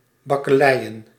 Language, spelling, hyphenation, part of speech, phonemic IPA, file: Dutch, bakkeleien, bak‧ke‧lei‧en, verb, /ˌbɑkəˈlɛi̯ə(n)/, Nl-bakkeleien.ogg
- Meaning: 1. to quarrel, to argue, to fight 2. to fight, to brawl (to engage in physical combat)